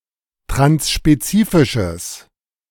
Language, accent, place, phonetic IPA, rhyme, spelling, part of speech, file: German, Germany, Berlin, [tʁansʃpeˈt͡siːfɪʃəs], -iːfɪʃəs, transspezifisches, adjective, De-transspezifisches.ogg
- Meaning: strong/mixed nominative/accusative neuter singular of transspezifisch